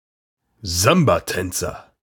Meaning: samba dancer
- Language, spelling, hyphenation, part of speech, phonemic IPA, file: German, Sambatänzer, Sam‧ba‧tän‧zer, noun, /ˈzambaˌtɛnt͡sɐ/, De-Sambatänzer.ogg